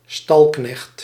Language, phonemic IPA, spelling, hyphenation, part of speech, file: Dutch, /ˈstɑl.knɛxt/, stalknecht, stal‧knecht, noun, Nl-stalknecht.ogg
- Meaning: stablehand, hostler, employee working in a stable